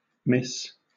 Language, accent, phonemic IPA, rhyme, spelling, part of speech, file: English, Southern England, /mɪs/, -ɪs, Miss, noun, LL-Q1860 (eng)-Miss.wav
- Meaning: A form of address, now used chiefly for an unmarried woman; used chiefly of girls before the mid-1700s, and thereafter used also of adult women without regard to marital status